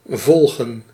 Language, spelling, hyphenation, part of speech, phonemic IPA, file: Dutch, volgen, vol‧gen, verb, /ˈvɔl.ɣə(n)/, Nl-volgen.ogg
- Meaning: 1. to follow (go after) 2. to follow (understand, pay attention to) 3. to take 4. to follow